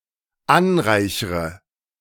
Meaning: inflection of anreichern: 1. first-person singular dependent present 2. first/third-person singular dependent subjunctive I
- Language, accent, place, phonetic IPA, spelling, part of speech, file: German, Germany, Berlin, [ˈanˌʁaɪ̯çʁə], anreichre, verb, De-anreichre.ogg